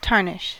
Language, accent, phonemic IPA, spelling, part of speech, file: English, US, /ˈtɑɹnɪʃ/, tarnish, noun / verb, En-us-tarnish.ogg
- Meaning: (noun) Oxidation or discoloration, especially of a decorative metal exposed to air; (verb) 1. To oxidize or discolor due to oxidation 2. To compromise, damage, soil, or sully